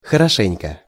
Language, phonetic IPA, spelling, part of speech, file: Russian, [xərɐˈʂɛnʲkə], хорошенько, adverb, Ru-хорошенько.ogg
- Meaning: very well, thoroughly, properly